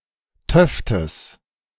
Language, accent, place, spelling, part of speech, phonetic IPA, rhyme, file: German, Germany, Berlin, töftes, adjective, [ˈtœftəs], -œftəs, De-töftes.ogg
- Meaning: strong/mixed nominative/accusative neuter singular of töfte